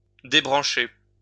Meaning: 1. to unplug 2. to turn off, switch off (of an alarm) 3. to prune, to remove branches
- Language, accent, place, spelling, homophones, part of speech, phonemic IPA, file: French, France, Lyon, débrancher, débranchai / débranché / débranchée / débranchées / débranchés / débranchez, verb, /de.bʁɑ̃.ʃe/, LL-Q150 (fra)-débrancher.wav